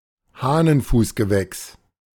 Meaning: 1. any plant of the buttercup or crowfoot family (Ranunculaceae) 2. collective noun for plants of the family Ranunculaceae
- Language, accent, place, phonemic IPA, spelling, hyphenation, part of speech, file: German, Germany, Berlin, /ˈhaːnənˌfuːsɡəˌvɛks/, Hahnenfußgewächs, Hah‧nen‧fuß‧ge‧wächs, noun, De-Hahnenfußgewächs.ogg